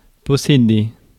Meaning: to own; to possess
- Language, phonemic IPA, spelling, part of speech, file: French, /pɔ.se.de/, posséder, verb, Fr-posséder.ogg